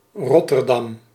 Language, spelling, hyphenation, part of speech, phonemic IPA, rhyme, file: Dutch, Rotterdam, Rot‧ter‧dam, proper noun, /ˌrɔ.tərˈdɑm/, -ɑm, Nl-Rotterdam.ogg
- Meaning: Rotterdam (a city and municipality of South Holland, Netherlands)